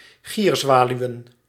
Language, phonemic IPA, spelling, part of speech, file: Dutch, /ˈɣirzwalywə(n)/, gierzwaluwen, noun, Nl-gierzwaluwen.ogg
- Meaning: plural of gierzwaluw